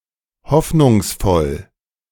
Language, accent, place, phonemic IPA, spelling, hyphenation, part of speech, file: German, Germany, Berlin, /ˈhɔfnʊŋsˌfɔl/, hoffnungsvoll, hoff‧nungs‧voll, adjective / adverb, De-hoffnungsvoll.ogg
- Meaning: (adjective) hopeful; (adverb) hopefully